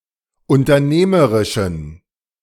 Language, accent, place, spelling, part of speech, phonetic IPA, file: German, Germany, Berlin, unternehmerischen, adjective, [ʊntɐˈneːməʁɪʃn̩], De-unternehmerischen.ogg
- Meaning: inflection of unternehmerisch: 1. strong genitive masculine/neuter singular 2. weak/mixed genitive/dative all-gender singular 3. strong/weak/mixed accusative masculine singular 4. strong dative plural